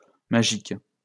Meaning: 1. plural of magique 2. feminine plural of magique
- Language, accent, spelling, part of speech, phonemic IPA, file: French, France, magiques, adjective, /ma.ʒik/, LL-Q150 (fra)-magiques.wav